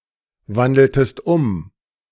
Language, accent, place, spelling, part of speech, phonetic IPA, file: German, Germany, Berlin, wandeltest um, verb, [ˌvandl̩təst ˈʊm], De-wandeltest um.ogg
- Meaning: inflection of umwandeln: 1. second-person singular preterite 2. second-person singular subjunctive II